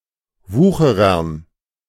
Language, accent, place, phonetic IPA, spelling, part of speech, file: German, Germany, Berlin, [ˈvuːxəʁɐn], Wucherern, noun, De-Wucherern.ogg
- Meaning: dative plural of Wucherer